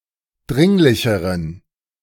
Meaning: inflection of dringlich: 1. strong genitive masculine/neuter singular comparative degree 2. weak/mixed genitive/dative all-gender singular comparative degree
- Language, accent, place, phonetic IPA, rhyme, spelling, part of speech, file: German, Germany, Berlin, [ˈdʁɪŋlɪçəʁən], -ɪŋlɪçəʁən, dringlicheren, adjective, De-dringlicheren.ogg